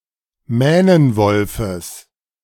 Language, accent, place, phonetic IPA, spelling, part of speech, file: German, Germany, Berlin, [ˈmɛːnənvɔlfəs], Mähnenwolfes, noun, De-Mähnenwolfes.ogg
- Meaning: genitive singular of Mähnenwolf